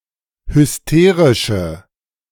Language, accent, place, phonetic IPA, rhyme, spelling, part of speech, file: German, Germany, Berlin, [hʏsˈteːʁɪʃə], -eːʁɪʃə, hysterische, adjective, De-hysterische.ogg
- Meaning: inflection of hysterisch: 1. strong/mixed nominative/accusative feminine singular 2. strong nominative/accusative plural 3. weak nominative all-gender singular